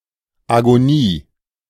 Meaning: agony, (death) throes
- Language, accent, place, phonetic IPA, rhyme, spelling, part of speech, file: German, Germany, Berlin, [aɡoˈniː], -iː, Agonie, noun, De-Agonie.ogg